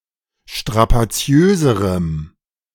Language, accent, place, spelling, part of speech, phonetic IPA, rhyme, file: German, Germany, Berlin, strapaziöserem, adjective, [ʃtʁapaˈt͡si̯øːzəʁəm], -øːzəʁəm, De-strapaziöserem.ogg
- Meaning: strong dative masculine/neuter singular comparative degree of strapaziös